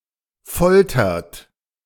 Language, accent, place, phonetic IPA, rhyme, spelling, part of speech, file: German, Germany, Berlin, [ˈfɔltɐt], -ɔltɐt, foltert, verb, De-foltert.ogg
- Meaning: inflection of foltern: 1. third-person singular present 2. second-person plural present 3. plural imperative